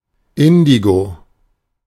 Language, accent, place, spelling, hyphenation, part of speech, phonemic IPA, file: German, Germany, Berlin, Indigo, In‧di‧go, noun, /ˈɪndiɡo/, De-Indigo.ogg
- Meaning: 1. indigo, a dye 2. Indigofera, plant traditionally used to produce indigo 3. indigo, a colour (mostly used without an article)